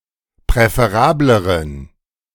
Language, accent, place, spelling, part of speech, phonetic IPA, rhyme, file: German, Germany, Berlin, präferableren, adjective, [pʁɛfeˈʁaːbləʁən], -aːbləʁən, De-präferableren.ogg
- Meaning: inflection of präferabel: 1. strong genitive masculine/neuter singular comparative degree 2. weak/mixed genitive/dative all-gender singular comparative degree